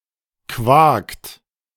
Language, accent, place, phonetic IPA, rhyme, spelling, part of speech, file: German, Germany, Berlin, [kvaːkt], -aːkt, quakt, verb, De-quakt.ogg
- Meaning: inflection of quaken: 1. third-person singular present 2. second-person plural present 3. plural imperative